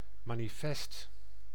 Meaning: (noun) manifest; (adjective) manifest; obvious, undeniable
- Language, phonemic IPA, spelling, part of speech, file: Dutch, /ˌmaniˈfɛst/, manifest, adjective / noun, Nl-manifest.ogg